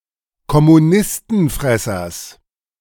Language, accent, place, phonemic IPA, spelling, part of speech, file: German, Germany, Berlin, /kɔmuˈnɪstn̩ˌfʁɛsɐs/, Kommunistenfressers, noun, De-Kommunistenfressers.ogg
- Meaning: genitive singular of Kommunistenfresser